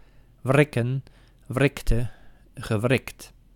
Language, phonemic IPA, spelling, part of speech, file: Dutch, /ˈvrɪkə(n)/, wrikken, verb, Nl-wrikken.ogg
- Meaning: to pry, wrench